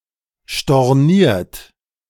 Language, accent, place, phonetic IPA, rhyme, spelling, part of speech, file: German, Germany, Berlin, [ʃtɔʁˈniːɐ̯t], -iːɐ̯t, storniert, verb, De-storniert.ogg
- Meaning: 1. past participle of stornieren 2. inflection of stornieren: third-person singular present 3. inflection of stornieren: second-person plural present 4. inflection of stornieren: plural imperative